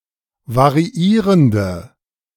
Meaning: inflection of variierend: 1. strong/mixed nominative/accusative feminine singular 2. strong nominative/accusative plural 3. weak nominative all-gender singular
- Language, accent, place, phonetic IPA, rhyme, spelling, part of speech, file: German, Germany, Berlin, [vaʁiˈiːʁəndə], -iːʁəndə, variierende, adjective, De-variierende.ogg